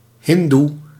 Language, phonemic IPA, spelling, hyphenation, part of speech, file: Dutch, /ˈɦɪn.du/, hindoe, hin‧doe, noun, Nl-hindoe.ogg
- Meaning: Hindu